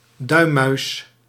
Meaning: ball of the thumb; thenar eminence
- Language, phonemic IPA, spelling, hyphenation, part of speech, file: Dutch, /ˈdœy̯.mœy̯s/, duimmuis, duim‧muis, noun, Nl-duimmuis.ogg